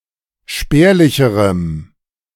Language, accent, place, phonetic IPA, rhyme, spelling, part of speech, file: German, Germany, Berlin, [ˈʃpɛːɐ̯lɪçəʁəm], -ɛːɐ̯lɪçəʁəm, spärlicherem, adjective, De-spärlicherem.ogg
- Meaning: strong dative masculine/neuter singular comparative degree of spärlich